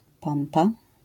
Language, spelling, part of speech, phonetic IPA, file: Polish, pompa, noun, [ˈpɔ̃mpa], LL-Q809 (pol)-pompa.wav